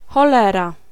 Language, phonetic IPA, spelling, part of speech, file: Polish, [xɔˈlɛra], cholera, noun / interjection, Pl-cholera.ogg